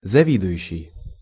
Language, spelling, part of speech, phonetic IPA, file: Russian, завидующий, verb, [zɐˈvʲidʊjʉɕːɪj], Ru-завидующий.ogg
- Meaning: present active imperfective participle of зави́довать (zavídovatʹ)